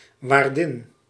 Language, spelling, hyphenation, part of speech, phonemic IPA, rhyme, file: Dutch, waardin, waar‧din, noun, /ʋaːrˈdɪn/, -ɪn, Nl-waardin.ogg
- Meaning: 1. a female innkeeper 2. a wife of the innkeeper 3. a madam, a female proprietor of a brothel